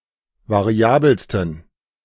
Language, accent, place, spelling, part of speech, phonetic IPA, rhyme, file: German, Germany, Berlin, variabelsten, adjective, [vaˈʁi̯aːbl̩stn̩], -aːbl̩stn̩, De-variabelsten.ogg
- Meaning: 1. superlative degree of variabel 2. inflection of variabel: strong genitive masculine/neuter singular superlative degree